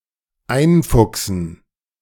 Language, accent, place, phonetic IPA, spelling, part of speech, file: German, Germany, Berlin, [ˈaɪ̯nˌfʊksn̩], einfuchsen, verb, De-einfuchsen.ogg
- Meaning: 1. to make someone a Fuchs, Fux (“first-year member of a student fraternity”), i.e. teach them the basics of fraternity rules and traditions 2. to get the hang of, to study